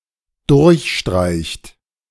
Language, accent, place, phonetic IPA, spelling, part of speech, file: German, Germany, Berlin, [ˈdʊʁçˌʃtʁaɪ̯çt], durchstreicht, verb, De-durchstreicht.ogg
- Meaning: inflection of durchstreichen: 1. third-person singular dependent present 2. second-person plural dependent present